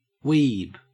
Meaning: Clipping of weeaboo (in both senses)
- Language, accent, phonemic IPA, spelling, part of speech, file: English, Australia, /ˈwiːb/, weeb, noun, En-au-weeb.ogg